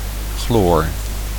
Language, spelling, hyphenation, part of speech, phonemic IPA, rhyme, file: Dutch, chloor, chloor, noun, /xloːr/, -oːr, Nl-chloor.ogg
- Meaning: chlorine